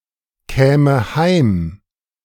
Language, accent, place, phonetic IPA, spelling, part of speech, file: German, Germany, Berlin, [ˌkɛːmə ˈhaɪ̯m], käme heim, verb, De-käme heim.ogg
- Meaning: first/third-person singular subjunctive II of heimkommen